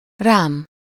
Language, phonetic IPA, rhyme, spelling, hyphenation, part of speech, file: Hungarian, [ˈraːm], -aːm, rám, rám, pronoun, Hu-rám.ogg
- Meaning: first-person singular of rá